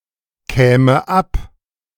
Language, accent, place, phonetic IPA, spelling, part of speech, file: German, Germany, Berlin, [ˌkɛːmə ˈap], käme ab, verb, De-käme ab.ogg
- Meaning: first/third-person singular subjunctive II of abkommen